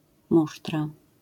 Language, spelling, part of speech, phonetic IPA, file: Polish, musztra, noun, [ˈmuʃtra], LL-Q809 (pol)-musztra.wav